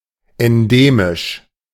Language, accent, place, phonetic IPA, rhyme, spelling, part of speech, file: German, Germany, Berlin, [ɛnˈdeːmɪʃ], -eːmɪʃ, endemisch, adjective, De-endemisch.ogg
- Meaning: 1. endemic (prevalent in a particular area) 2. endemic (peculiar to a particular area)